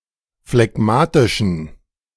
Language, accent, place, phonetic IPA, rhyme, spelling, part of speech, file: German, Germany, Berlin, [flɛˈɡmaːtɪʃn̩], -aːtɪʃn̩, phlegmatischen, adjective, De-phlegmatischen.ogg
- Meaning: inflection of phlegmatisch: 1. strong genitive masculine/neuter singular 2. weak/mixed genitive/dative all-gender singular 3. strong/weak/mixed accusative masculine singular 4. strong dative plural